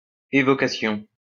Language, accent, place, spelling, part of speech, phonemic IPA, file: French, France, Lyon, évocation, noun, /e.vɔ.ka.sjɔ̃/, LL-Q150 (fra)-évocation.wav
- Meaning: evocation